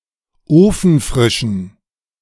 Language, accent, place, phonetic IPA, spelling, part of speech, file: German, Germany, Berlin, [ˈoːfn̩ˌfʁɪʃn̩], ofenfrischen, adjective, De-ofenfrischen.ogg
- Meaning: inflection of ofenfrisch: 1. strong genitive masculine/neuter singular 2. weak/mixed genitive/dative all-gender singular 3. strong/weak/mixed accusative masculine singular 4. strong dative plural